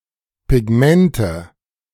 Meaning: nominative/accusative/genitive plural of Pigment
- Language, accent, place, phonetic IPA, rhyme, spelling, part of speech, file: German, Germany, Berlin, [pɪˈɡmɛntə], -ɛntə, Pigmente, noun, De-Pigmente.ogg